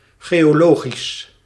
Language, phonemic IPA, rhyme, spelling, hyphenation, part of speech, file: Dutch, /ˌɣeː.oːˈloː.ɣis/, -oːɣis, geologisch, geo‧lo‧gisch, adjective, Nl-geologisch.ogg
- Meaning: geological, geologic